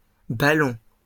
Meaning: plural of ballon
- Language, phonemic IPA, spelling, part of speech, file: French, /ba.lɔ̃/, ballons, noun, LL-Q150 (fra)-ballons.wav